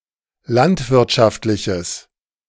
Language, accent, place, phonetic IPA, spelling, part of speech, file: German, Germany, Berlin, [ˈlantvɪʁtʃaftlɪçəs], landwirtschaftliches, adjective, De-landwirtschaftliches.ogg
- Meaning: strong/mixed nominative/accusative neuter singular of landwirtschaftlich